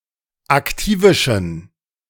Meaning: inflection of aktivisch: 1. strong genitive masculine/neuter singular 2. weak/mixed genitive/dative all-gender singular 3. strong/weak/mixed accusative masculine singular 4. strong dative plural
- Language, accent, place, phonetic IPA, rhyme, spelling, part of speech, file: German, Germany, Berlin, [akˈtiːvɪʃn̩], -iːvɪʃn̩, aktivischen, adjective, De-aktivischen.ogg